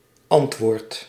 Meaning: inflection of antwoorden: 1. second/third-person singular present indicative 2. plural imperative
- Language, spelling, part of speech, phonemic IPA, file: Dutch, antwoordt, verb, /ˈɑntwort/, Nl-antwoordt.ogg